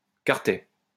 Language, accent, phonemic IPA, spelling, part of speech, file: French, France, /kwaʁ.tɛ/, quartet, noun, LL-Q150 (fra)-quartet.wav
- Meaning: quartet